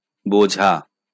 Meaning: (verb) to understand; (noun) 1. load, burden 2. weight
- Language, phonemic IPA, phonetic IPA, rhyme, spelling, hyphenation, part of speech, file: Bengali, /bod͡ʒʱa/, [ˈbod͡ʒʱaˑ], -od͡ʒʱa, বোঝা, বো‧ঝা, verb / noun, LL-Q9610 (ben)-বোঝা.wav